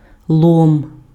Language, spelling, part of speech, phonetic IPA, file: Ukrainian, лом, noun, [ɫɔm], Uk-лом.ogg
- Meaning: 1. crowbar 2. scrap, waste, debris (broken items, or fit only for recycling, usually of metal) 3. dry branches or twigs that have fallen on the ground